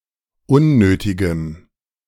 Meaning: strong dative masculine/neuter singular of unnötig
- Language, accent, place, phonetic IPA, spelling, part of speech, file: German, Germany, Berlin, [ˈʊnˌnøːtɪɡəm], unnötigem, adjective, De-unnötigem.ogg